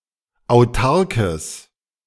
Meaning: strong/mixed nominative/accusative neuter singular of autark
- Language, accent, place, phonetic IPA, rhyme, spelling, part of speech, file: German, Germany, Berlin, [aʊ̯ˈtaʁkəs], -aʁkəs, autarkes, adjective, De-autarkes.ogg